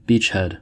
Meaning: 1. An area of hostile territory (especially on a beach) that, when captured, serves for the continuous landing (or movement into position) of further troops and material 2. A coastal landing place
- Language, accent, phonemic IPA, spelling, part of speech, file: English, US, /ˈbiːt͡ʃhɛd/, beachhead, noun, En-us-beachhead.ogg